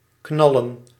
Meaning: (verb) 1. to bang, pop 2. to fire, shoot 3. to do something intensely, fire up 4. to fuck; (noun) plural of knal
- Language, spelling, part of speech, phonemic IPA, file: Dutch, knallen, verb / noun, /ˈknɑ.lə(n)/, Nl-knallen.ogg